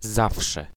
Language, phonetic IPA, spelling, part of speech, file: Polish, [ˈzafʃɛ], zawsze, pronoun / particle, Pl-zawsze.ogg